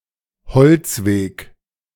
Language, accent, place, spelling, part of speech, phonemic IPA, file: German, Germany, Berlin, Holzweg, noun, /ˈhɔlt͡sˌveːk/, De-Holzweg.ogg
- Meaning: 1. the wrong path or road 2. woodway